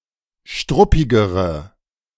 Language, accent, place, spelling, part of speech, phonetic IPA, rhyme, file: German, Germany, Berlin, struppigere, adjective, [ˈʃtʁʊpɪɡəʁə], -ʊpɪɡəʁə, De-struppigere.ogg
- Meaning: inflection of struppig: 1. strong/mixed nominative/accusative feminine singular comparative degree 2. strong nominative/accusative plural comparative degree